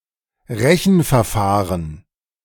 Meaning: calculation method, calculation procedure
- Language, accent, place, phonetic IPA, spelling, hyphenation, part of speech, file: German, Germany, Berlin, [ˈʁɛçn̩fɛɐ̯ˌfaːʁən], Rechenverfahren, Re‧chen‧ver‧fah‧ren, noun, De-Rechenverfahren.ogg